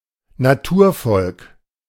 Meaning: indigenous people
- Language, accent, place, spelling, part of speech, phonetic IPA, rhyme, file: German, Germany, Berlin, Naturvolk, noun, [naˈtuːɐ̯ˌfɔlk], -uːɐ̯fɔlk, De-Naturvolk.ogg